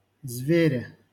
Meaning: prepositional singular of зверь (zverʹ)
- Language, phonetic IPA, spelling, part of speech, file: Russian, [ˈzvʲerʲe], звере, noun, LL-Q7737 (rus)-звере.wav